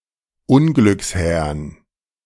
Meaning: dative plural of Unglückshäher
- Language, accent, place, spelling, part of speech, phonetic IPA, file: German, Germany, Berlin, Unglückshähern, noun, [ˈʊnɡlʏksˌhɛːɐn], De-Unglückshähern.ogg